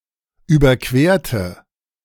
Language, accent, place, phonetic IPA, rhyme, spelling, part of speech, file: German, Germany, Berlin, [ˌyːbɐˈkveːɐ̯tə], -eːɐ̯tə, überquerte, adjective / verb, De-überquerte.ogg
- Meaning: inflection of überqueren: 1. first/third-person singular preterite 2. first/third-person singular subjunctive II